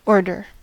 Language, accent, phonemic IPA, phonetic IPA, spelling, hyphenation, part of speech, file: English, US, /ˈoɹ.dɚ/, [ˈoɹ.ɾɚ], order, or‧der, noun / verb, En-us-order.ogg
- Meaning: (noun) 1. Arrangement, disposition, or sequence 2. A position in an arrangement, disposition, or sequence 3. The state of being well arranged